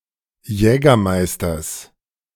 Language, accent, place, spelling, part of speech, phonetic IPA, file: German, Germany, Berlin, Jägermeisters, noun, [ˈjɛːɡɐˌmaɪ̯stɐs], De-Jägermeisters.ogg
- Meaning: genitive singular of Jägermeister